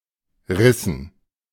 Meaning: dative plural of Riss
- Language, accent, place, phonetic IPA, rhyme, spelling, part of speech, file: German, Germany, Berlin, [ˈʁɪsn̩], -ɪsn̩, Rissen, noun, De-Rissen.ogg